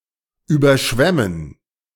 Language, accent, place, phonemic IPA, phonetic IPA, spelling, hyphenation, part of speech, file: German, Germany, Berlin, /ˌyːbəʁˈʃvɛmən/, [ˌʔyːbɐˈʃvɛmn̩], überschwemmen, über‧schwem‧men, verb, De-überschwemmen.ogg
- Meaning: to flood, to inundate, to submerge